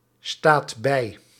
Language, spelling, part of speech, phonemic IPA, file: Dutch, staat bij, verb, /ˈstat ˈbɛi/, Nl-staat bij.ogg
- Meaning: inflection of bijstaan: 1. second/third-person singular present indicative 2. plural imperative